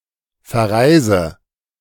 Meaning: inflection of verreisen: 1. first-person singular present 2. first/third-person singular subjunctive I 3. singular imperative
- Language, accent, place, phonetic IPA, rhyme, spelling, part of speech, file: German, Germany, Berlin, [fɛɐ̯ˈʁaɪ̯zə], -aɪ̯zə, verreise, verb, De-verreise.ogg